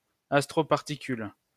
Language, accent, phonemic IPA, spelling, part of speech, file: French, France, /as.tʁo.paʁ.ti.kyl/, astroparticule, noun, LL-Q150 (fra)-astroparticule.wav
- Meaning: astroparticle